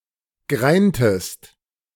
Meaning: inflection of greinen: 1. second-person singular preterite 2. second-person singular subjunctive II
- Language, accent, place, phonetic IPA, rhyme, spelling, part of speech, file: German, Germany, Berlin, [ˈɡʁaɪ̯ntəst], -aɪ̯ntəst, greintest, verb, De-greintest.ogg